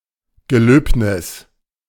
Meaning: a ceremony at which oaths or vows are taken
- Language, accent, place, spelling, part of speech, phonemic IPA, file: German, Germany, Berlin, Gelöbnis, noun, /ɡəˈløːpnɪs/, De-Gelöbnis.ogg